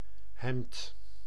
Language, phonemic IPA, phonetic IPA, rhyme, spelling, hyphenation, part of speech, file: Dutch, /ˈɦɛmt/, [ˈɦɛmpt], -ɛmt, hemd, hemd, noun, Nl-hemd.ogg
- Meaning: 1. a shirt (article of clothing) 2. a singlet, undershirt